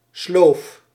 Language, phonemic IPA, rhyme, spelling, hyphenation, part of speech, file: Dutch, /sloːf/, -oːf, sloof, sloof, noun, Nl-sloof.ogg
- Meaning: 1. apron, especially an artisan's or food worker's apron 2. a hard-working woman doing domestic work; e.g. a maid or housewife